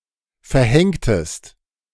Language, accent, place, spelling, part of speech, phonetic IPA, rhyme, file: German, Germany, Berlin, verhängtest, verb, [fɛɐ̯ˈhɛŋtəst], -ɛŋtəst, De-verhängtest.ogg
- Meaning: inflection of verhängen: 1. second-person singular preterite 2. second-person singular subjunctive II